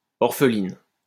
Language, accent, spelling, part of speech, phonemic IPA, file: French, France, orpheline, adjective, /ɔʁ.fə.lin/, LL-Q150 (fra)-orpheline.wav
- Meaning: feminine singular of orphelin